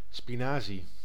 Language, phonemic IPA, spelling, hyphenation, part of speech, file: Dutch, /ˌspiˈnaː.zi/, spinazie, spi‧na‧zie, noun, Nl-spinazie.ogg
- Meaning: 1. spinach (Spinacia oleracea, an edible plant) 2. Malabar spinach (Basella alba)